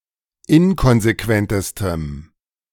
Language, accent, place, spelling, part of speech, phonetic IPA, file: German, Germany, Berlin, inkonsequentestem, adjective, [ˈɪnkɔnzeˌkvɛntəstəm], De-inkonsequentestem.ogg
- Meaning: strong dative masculine/neuter singular superlative degree of inkonsequent